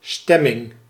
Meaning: 1. mood, atmosphere 2. vote, ballot (act or instance of voting) 3. tuning, intonation
- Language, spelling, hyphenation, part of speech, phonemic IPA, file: Dutch, stemming, stem‧ming, noun, /ˈstɛ.mɪŋ/, Nl-stemming.ogg